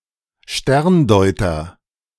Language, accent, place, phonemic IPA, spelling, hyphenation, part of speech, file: German, Germany, Berlin, /ˈʃtɛʁnˌdɔɪ̯tɐ/, Sterndeuter, Stern‧deu‧ter, noun, De-Sterndeuter.ogg
- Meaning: astrologer